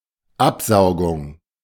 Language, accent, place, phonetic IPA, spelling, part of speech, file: German, Germany, Berlin, [ˈapˌzaʊ̯ɡʊŋ], Absaugung, noun, De-Absaugung.ogg
- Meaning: 1. suction 2. extraction (by suction)